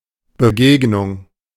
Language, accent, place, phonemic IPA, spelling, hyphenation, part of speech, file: German, Germany, Berlin, /bəˈɡeːɡnʊŋ/, Begegnung, Be‧geg‧nung, noun, De-Begegnung.ogg
- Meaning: 1. encounter, meeting 2. match